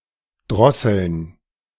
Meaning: to curb, choke, throttle
- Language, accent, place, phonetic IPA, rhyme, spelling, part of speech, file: German, Germany, Berlin, [ˈdʁɔsl̩n], -ɔsl̩n, drosseln, verb, De-drosseln.ogg